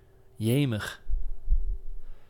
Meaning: euphemistic form of Jezus, indicating (mostly unpleasant) surprise, wonder or amazement
- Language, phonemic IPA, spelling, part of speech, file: Dutch, /ˈjeməx/, jemig, interjection, Nl-jemig.ogg